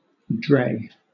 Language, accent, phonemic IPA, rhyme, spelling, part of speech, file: English, Southern England, /dɹeɪ/, -eɪ, dray, noun / verb, LL-Q1860 (eng)-dray.wav
- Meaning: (noun) 1. Any of various forms of low horse-drawn cart or wagon, often without sides or with removable sides, and used especially for heavy loads 2. A kind of sledge or sled